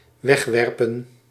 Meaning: 1. to cast away, to throw out 2. to reject
- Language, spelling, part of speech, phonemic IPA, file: Dutch, wegwerpen, verb, /ˈʋɛxˌʋɛr.pə(n)/, Nl-wegwerpen.ogg